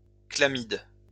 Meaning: chlamys
- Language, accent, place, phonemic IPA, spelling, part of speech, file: French, France, Lyon, /kla.mid/, chlamyde, noun, LL-Q150 (fra)-chlamyde.wav